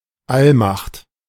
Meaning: omnipotence
- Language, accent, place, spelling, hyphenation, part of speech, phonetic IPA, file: German, Germany, Berlin, Allmacht, All‧macht, noun, [ˈalmaχt], De-Allmacht.ogg